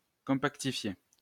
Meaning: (verb) past participle of compactifier; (noun) compact space
- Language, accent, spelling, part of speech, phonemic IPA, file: French, France, compactifié, verb / noun, /kɔ̃.pak.ti.fje/, LL-Q150 (fra)-compactifié.wav